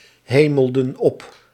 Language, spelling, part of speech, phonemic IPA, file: Dutch, hemelden op, verb, /ˈheməldə(n) ˈɔp/, Nl-hemelden op.ogg
- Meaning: inflection of ophemelen: 1. plural past indicative 2. plural past subjunctive